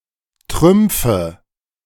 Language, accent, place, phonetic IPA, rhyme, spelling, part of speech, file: German, Germany, Berlin, [ˈtʁʏmp͡fə], -ʏmp͡fə, Trümpfe, noun, De-Trümpfe.ogg
- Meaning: nominative/accusative/genitive plural of Trumpf